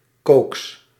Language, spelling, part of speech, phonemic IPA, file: Dutch, cokes, noun, /koks/, Nl-cokes.ogg
- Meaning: plural of coke